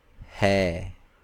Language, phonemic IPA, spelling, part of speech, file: Hindi, /ɦɛː/, है, verb, Hi-है.ogg
- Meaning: inflection of होना (honā): 1. second-person singular intimate present indicative 2. third-person singular present indicative